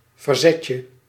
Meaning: 1. the diminutive of verzet (all senses) 2. a (relaxing) distraction, as to clear the mind 3. any fun activity
- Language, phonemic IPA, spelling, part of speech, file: Dutch, /vərˈzɛcə/, verzetje, noun, Nl-verzetje.ogg